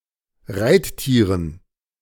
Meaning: dative plural of Reittier
- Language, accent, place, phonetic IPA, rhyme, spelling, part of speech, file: German, Germany, Berlin, [ˈʁaɪ̯tˌtiːʁən], -aɪ̯ttiːʁən, Reittieren, noun, De-Reittieren.ogg